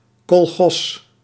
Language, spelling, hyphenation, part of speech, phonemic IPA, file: Dutch, kolchoz, kol‧choz, noun, /kɔlˈxɔz/, Nl-kolchoz.ogg
- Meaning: kolkhoz